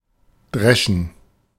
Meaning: to thresh; to thrash
- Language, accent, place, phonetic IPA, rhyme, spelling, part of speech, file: German, Germany, Berlin, [ˈdʁɛʃn̩], -ɛʃn̩, dreschen, verb, De-dreschen.ogg